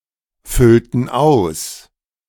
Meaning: inflection of ausfüllen: 1. first/third-person plural preterite 2. first/third-person plural subjunctive II
- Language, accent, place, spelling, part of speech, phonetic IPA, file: German, Germany, Berlin, füllten aus, verb, [ˌfʏltn̩ ˈaʊ̯s], De-füllten aus.ogg